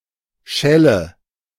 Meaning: nominative/accusative/genitive plural of Schall
- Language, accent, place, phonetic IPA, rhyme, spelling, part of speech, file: German, Germany, Berlin, [ˈʃɛlə], -ɛlə, Schälle, noun, De-Schälle.ogg